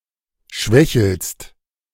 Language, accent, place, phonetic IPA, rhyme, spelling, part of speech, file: German, Germany, Berlin, [ˈʃvɛçl̩st], -ɛçl̩st, schwächelst, verb, De-schwächelst.ogg
- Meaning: second-person singular present of schwächeln